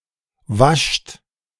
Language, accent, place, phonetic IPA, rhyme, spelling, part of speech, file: German, Germany, Berlin, [vaʃt], -aʃt, wascht, verb, De-wascht.ogg
- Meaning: inflection of waschen: 1. second-person plural present 2. plural imperative